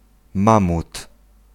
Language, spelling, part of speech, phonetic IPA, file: Polish, mamut, noun, [ˈmãmut], Pl-mamut.ogg